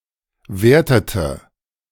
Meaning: inflection of werten: 1. first/third-person singular preterite 2. first/third-person singular subjunctive II
- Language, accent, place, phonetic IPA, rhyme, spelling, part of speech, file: German, Germany, Berlin, [ˈveːɐ̯tətə], -eːɐ̯tətə, wertete, verb, De-wertete.ogg